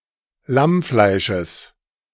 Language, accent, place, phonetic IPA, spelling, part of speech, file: German, Germany, Berlin, [ˈlamˌflaɪ̯ʃəs], Lammfleisches, noun, De-Lammfleisches.ogg
- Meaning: genitive of Lammfleisch